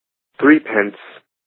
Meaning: 1. The amount of money equal to that of three pence (old or new) 2. A former (pre-decimalisation) British or Irish coin worth three old pence
- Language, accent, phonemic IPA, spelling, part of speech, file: English, US, /ˈθɹiːpɛns/, threepence, noun, En-us-threepence.ogg